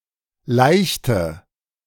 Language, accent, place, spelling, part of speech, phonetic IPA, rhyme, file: German, Germany, Berlin, leichte, adjective, [ˈlaɪ̯çtə], -aɪ̯çtə, De-leichte.ogg
- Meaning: inflection of leicht: 1. strong/mixed nominative/accusative feminine singular 2. strong nominative/accusative plural 3. weak nominative all-gender singular 4. weak accusative feminine/neuter singular